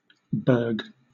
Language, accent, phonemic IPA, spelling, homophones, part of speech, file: English, Southern England, /bɜːɡ/, berg, burg, noun, LL-Q1860 (eng)-berg.wav
- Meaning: 1. An iceberg 2. A mountain